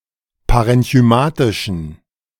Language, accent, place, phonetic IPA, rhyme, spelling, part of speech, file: German, Germany, Berlin, [paʁɛnçyˈmaːtɪʃn̩], -aːtɪʃn̩, parenchymatischen, adjective, De-parenchymatischen.ogg
- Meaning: inflection of parenchymatisch: 1. strong genitive masculine/neuter singular 2. weak/mixed genitive/dative all-gender singular 3. strong/weak/mixed accusative masculine singular 4. strong dative plural